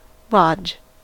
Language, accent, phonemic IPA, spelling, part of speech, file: English, US, /lɑd͡ʒ/, lodge, noun / verb, En-us-lodge.ogg
- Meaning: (noun) A building for recreational use such as a hunting lodge or a summer cabin